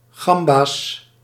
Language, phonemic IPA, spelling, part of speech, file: Dutch, /ˈɣɑmbas/, gamba's, noun, Nl-gamba's.ogg
- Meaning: plural of gamba